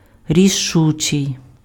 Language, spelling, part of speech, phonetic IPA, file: Ukrainian, рішучий, adjective, [rʲiˈʃut͡ʃei̯], Uk-рішучий.ogg
- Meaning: decisive, resolute, determined